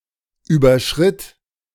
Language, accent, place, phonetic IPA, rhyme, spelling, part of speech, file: German, Germany, Berlin, [ˌyːbɐˈʃʁɪt], -ɪt, überschritt, verb, De-überschritt.ogg
- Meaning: first/third-person singular preterite of überschreiten